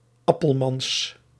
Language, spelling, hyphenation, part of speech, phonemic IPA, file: Dutch, Appelmans, Ap‧pel‧mans, proper noun, /ˈɑ.pəlˌmɑns/, Nl-Appelmans.ogg
- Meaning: a surname